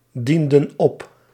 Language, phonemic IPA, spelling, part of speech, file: Dutch, /ˈdində(n) ˈɔp/, dienden op, verb, Nl-dienden op.ogg
- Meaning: inflection of opdienen: 1. plural past indicative 2. plural past subjunctive